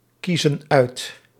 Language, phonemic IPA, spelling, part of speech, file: Dutch, /ˈkizə(n) ˈœyt/, kiezen uit, verb, Nl-kiezen uit.ogg
- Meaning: inflection of uitkiezen: 1. plural present indicative 2. plural present subjunctive